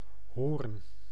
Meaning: 1. a city and municipality of North Holland, Netherlands 2. a village in Terschelling, Friesland, Netherlands 3. a hamlet in Heerde, Gelderland, Netherlands
- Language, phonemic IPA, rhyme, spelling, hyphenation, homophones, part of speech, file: Dutch, /ɦoːrn/, -oːrn, Hoorn, Hoorn, hoorn, proper noun, Nl-Hoorn.ogg